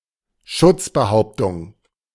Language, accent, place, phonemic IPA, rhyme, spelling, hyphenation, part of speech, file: German, Germany, Berlin, /ˈʃʊtsbəˌhaʊ̯ptʊŋ/, -ʊŋ, Schutzbehauptung, Schutz‧be‧haup‧tung, noun, De-Schutzbehauptung.ogg